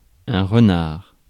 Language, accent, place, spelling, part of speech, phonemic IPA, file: French, France, Paris, renard, noun, /ʁə.naʁ/, Fr-renard.ogg
- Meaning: 1. fox (small carnivore) 2. crafty, purposeful and cunning character 3. flatulence